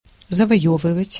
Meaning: 1. to conquer, to win 2. to gain
- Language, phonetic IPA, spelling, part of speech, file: Russian, [zəvɐˈjɵvɨvətʲ], завоёвывать, verb, Ru-завоёвывать.ogg